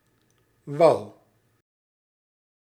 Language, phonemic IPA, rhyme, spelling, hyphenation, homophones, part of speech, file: Dutch, /ʋɑu̯/, -ɑu̯, wou, wou, wau / wow / wouw / wauw / Wouw, verb, Nl-wou.ogg
- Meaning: singular past indicative of willen